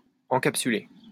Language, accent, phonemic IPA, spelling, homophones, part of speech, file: French, France, /ɑ̃.kap.sy.le/, encapsuler, encapsulai / encapsulé / encapsulée / encapsulées / encapsulés / encapsulez, verb, LL-Q150 (fra)-encapsuler.wav
- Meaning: 1. to encapsulate 2. to cache